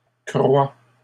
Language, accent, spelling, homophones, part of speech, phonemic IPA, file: French, Canada, croît, croie / croient / croies / crois / croîs / croit / croix, verb / noun, /kʁwa/, LL-Q150 (fra)-croît.wav
- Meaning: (verb) third-person singular present indicative of croître; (noun) breeding, propagation